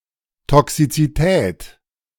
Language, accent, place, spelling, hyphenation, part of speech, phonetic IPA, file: German, Germany, Berlin, Toxizität, To‧xi‧zi‧tät, noun, [tʰɔksit͡siˈtʰɛːtʰ], De-Toxizität.ogg
- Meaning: toxicity